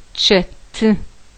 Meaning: chicken
- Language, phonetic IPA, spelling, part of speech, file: Adyghe, [t͡ʃatə], чэты, noun, Ʃt͡atə.ogg